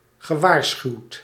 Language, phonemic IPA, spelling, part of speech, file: Dutch, /ɣəˈʋaːrsxyu̯t/, gewaarschuwd, verb, Nl-gewaarschuwd.ogg
- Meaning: past participle of waarschuwen